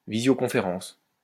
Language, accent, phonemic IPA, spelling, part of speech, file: French, France, /vi.zjo.kɔ̃.fe.ʁɑ̃s/, visioconférence, noun, LL-Q150 (fra)-visioconférence.wav
- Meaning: video conference